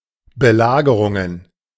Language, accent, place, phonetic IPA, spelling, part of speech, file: German, Germany, Berlin, [bəˈlaːɡəʁʊŋən], Belagerungen, noun, De-Belagerungen.ogg
- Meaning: plural of Belagerung